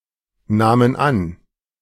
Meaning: first/third-person plural preterite of annehmen
- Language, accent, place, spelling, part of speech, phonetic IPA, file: German, Germany, Berlin, nahmen an, verb, [ˌnaːmən ˈan], De-nahmen an.ogg